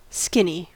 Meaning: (adjective) 1. Thin, generally in a negative sense (as opposed to slim, which is thin in a positive sense) 2. Of food or a beverage, having reduced fat or calories
- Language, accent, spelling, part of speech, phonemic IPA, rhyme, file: English, US, skinny, adjective / noun / verb, /ˈskɪni/, -ɪni, En-us-skinny.ogg